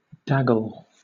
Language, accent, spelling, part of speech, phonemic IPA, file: English, Southern England, daggle, verb, /ˈdæɡəl/, LL-Q1860 (eng)-daggle.wav
- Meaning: 1. To drag or trail through water, mud, or slush 2. To trail, so as to make wet or muddy 3. To dangle or wag